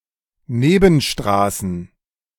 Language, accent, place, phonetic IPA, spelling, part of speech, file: German, Germany, Berlin, [ˈneːbn̩ˌʃtʁaːsn̩], Nebenstraßen, noun, De-Nebenstraßen.ogg
- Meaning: plural of Nebenstraße